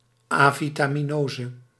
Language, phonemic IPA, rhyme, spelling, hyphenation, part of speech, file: Dutch, /ˌaː.vi.taː.miˈnoː.zə/, -oːzə, avitaminose, avi‧ta‧mi‧no‧se, noun, Nl-avitaminose.ogg
- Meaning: avitaminosis, a condition caused by vitamin deficit